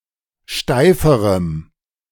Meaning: strong dative masculine/neuter singular comparative degree of steif
- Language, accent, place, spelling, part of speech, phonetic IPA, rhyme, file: German, Germany, Berlin, steiferem, adjective, [ˈʃtaɪ̯fəʁəm], -aɪ̯fəʁəm, De-steiferem.ogg